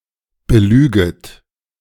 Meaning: second-person plural subjunctive I of belügen
- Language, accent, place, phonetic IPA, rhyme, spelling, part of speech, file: German, Germany, Berlin, [bəˈlyːɡət], -yːɡət, belüget, verb, De-belüget.ogg